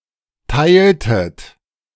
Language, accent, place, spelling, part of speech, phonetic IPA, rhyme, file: German, Germany, Berlin, teiltet, verb, [ˈtaɪ̯ltət], -aɪ̯ltət, De-teiltet.ogg
- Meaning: inflection of teilen: 1. second-person plural preterite 2. second-person plural subjunctive II